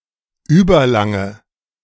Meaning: inflection of überlang: 1. strong/mixed nominative/accusative feminine singular 2. strong nominative/accusative plural 3. weak nominative all-gender singular
- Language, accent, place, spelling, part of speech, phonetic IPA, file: German, Germany, Berlin, überlange, adjective, [ˈyːbɐˌlaŋə], De-überlange.ogg